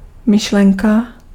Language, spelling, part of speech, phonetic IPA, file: Czech, myšlenka, noun, [ˈmɪʃlɛŋka], Cs-myšlenka.ogg
- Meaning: idea, thought